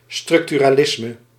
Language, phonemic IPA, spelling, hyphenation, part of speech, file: Dutch, /ˌstrʏk.ty.raːˈlɪs.mə/, structuralisme, struc‧tu‧ra‧lis‧me, noun, Nl-structuralisme.ogg
- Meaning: structuralism